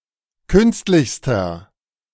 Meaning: inflection of künstlich: 1. strong/mixed nominative masculine singular superlative degree 2. strong genitive/dative feminine singular superlative degree 3. strong genitive plural superlative degree
- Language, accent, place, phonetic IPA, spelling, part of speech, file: German, Germany, Berlin, [ˈkʏnstlɪçstɐ], künstlichster, adjective, De-künstlichster.ogg